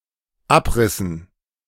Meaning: inflection of abreißen: 1. first/third-person plural dependent preterite 2. first/third-person plural dependent subjunctive II
- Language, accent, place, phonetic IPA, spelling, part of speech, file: German, Germany, Berlin, [ˈapˌʁɪsn̩], abrissen, verb, De-abrissen.ogg